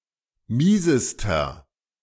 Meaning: inflection of mies: 1. strong/mixed nominative masculine singular superlative degree 2. strong genitive/dative feminine singular superlative degree 3. strong genitive plural superlative degree
- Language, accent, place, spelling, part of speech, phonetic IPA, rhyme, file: German, Germany, Berlin, miesester, adjective, [ˈmiːzəstɐ], -iːzəstɐ, De-miesester.ogg